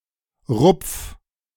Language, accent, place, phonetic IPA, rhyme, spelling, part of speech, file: German, Germany, Berlin, [ʁʊp͡f], -ʊp͡f, rupf, verb, De-rupf.ogg
- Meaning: 1. singular imperative of rupfen 2. first-person singular present of rupfen